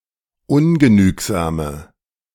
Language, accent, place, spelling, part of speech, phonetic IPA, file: German, Germany, Berlin, ungenügsame, adjective, [ˈʊnɡəˌnyːkzaːmə], De-ungenügsame.ogg
- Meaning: inflection of ungenügsam: 1. strong/mixed nominative/accusative feminine singular 2. strong nominative/accusative plural 3. weak nominative all-gender singular